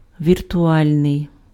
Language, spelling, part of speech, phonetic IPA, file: Ukrainian, віртуальний, adjective, [ʋʲirtʊˈalʲnei̯], Uk-віртуальний.ogg
- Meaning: virtual